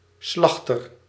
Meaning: slaughterer
- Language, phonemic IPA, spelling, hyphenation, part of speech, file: Dutch, /ˈslɑxtər/, slachter, slach‧ter, noun, Nl-slachter.ogg